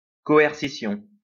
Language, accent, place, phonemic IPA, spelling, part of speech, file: French, France, Lyon, /kɔ.ɛʁ.si.sjɔ̃/, coercition, noun, LL-Q150 (fra)-coercition.wav
- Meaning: coercion